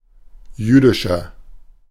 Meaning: inflection of jüdisch: 1. strong/mixed nominative masculine singular 2. strong genitive/dative feminine singular 3. strong genitive plural
- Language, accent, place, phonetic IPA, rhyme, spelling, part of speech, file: German, Germany, Berlin, [ˈjyːdɪʃɐ], -yːdɪʃɐ, jüdischer, adjective, De-jüdischer.ogg